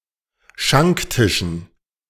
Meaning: dative plural of Schanktisch
- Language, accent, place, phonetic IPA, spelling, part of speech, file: German, Germany, Berlin, [ˈʃaŋkˌtɪʃn̩], Schanktischen, noun, De-Schanktischen.ogg